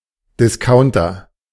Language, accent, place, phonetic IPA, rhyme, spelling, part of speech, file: German, Germany, Berlin, [dɪsˈkaʊ̯ntɐ], -aʊ̯ntɐ, Discounter, noun, De-Discounter.ogg
- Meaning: discount shop, cut-price store